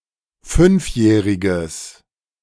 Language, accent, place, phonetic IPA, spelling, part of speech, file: German, Germany, Berlin, [ˈfʏnfˌjɛːʁɪɡəs], fünfjähriges, adjective, De-fünfjähriges.ogg
- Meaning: strong/mixed nominative/accusative neuter singular of fünfjährig